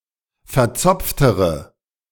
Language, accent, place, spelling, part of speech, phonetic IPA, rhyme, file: German, Germany, Berlin, verzopftere, adjective, [fɛɐ̯ˈt͡sɔp͡ftəʁə], -ɔp͡ftəʁə, De-verzopftere.ogg
- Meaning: inflection of verzopft: 1. strong/mixed nominative/accusative feminine singular comparative degree 2. strong nominative/accusative plural comparative degree